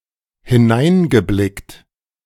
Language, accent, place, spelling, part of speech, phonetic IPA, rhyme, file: German, Germany, Berlin, hineingeblickt, verb, [hɪˈnaɪ̯nɡəˌblɪkt], -aɪ̯nɡəblɪkt, De-hineingeblickt.ogg
- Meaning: past participle of hineinblicken